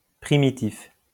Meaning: primitive
- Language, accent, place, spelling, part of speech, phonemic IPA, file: French, France, Lyon, primitif, adjective, /pʁi.mi.tif/, LL-Q150 (fra)-primitif.wav